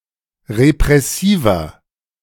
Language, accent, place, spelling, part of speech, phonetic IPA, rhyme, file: German, Germany, Berlin, repressiver, adjective, [ʁepʁɛˈsiːvɐ], -iːvɐ, De-repressiver.ogg
- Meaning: 1. comparative degree of repressiv 2. inflection of repressiv: strong/mixed nominative masculine singular 3. inflection of repressiv: strong genitive/dative feminine singular